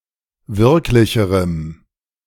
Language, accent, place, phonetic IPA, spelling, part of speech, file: German, Germany, Berlin, [ˈvɪʁklɪçəʁəm], wirklicherem, adjective, De-wirklicherem.ogg
- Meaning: strong dative masculine/neuter singular comparative degree of wirklich